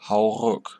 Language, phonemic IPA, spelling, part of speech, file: German, /haʊ̯ ʁʊk/, hau ruck, interjection, De-hau ruck.ogg
- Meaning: heave-ho!